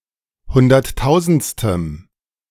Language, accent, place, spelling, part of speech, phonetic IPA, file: German, Germany, Berlin, hunderttausendstem, adjective, [ˈhʊndɐtˌtaʊ̯zn̩t͡stəm], De-hunderttausendstem.ogg
- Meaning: strong dative masculine/neuter singular of hunderttausendste